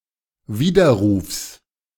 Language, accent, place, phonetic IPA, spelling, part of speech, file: German, Germany, Berlin, [ˈviːdɐˌʁuːfs], Widerrufs, noun, De-Widerrufs.ogg
- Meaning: genitive singular of Widerruf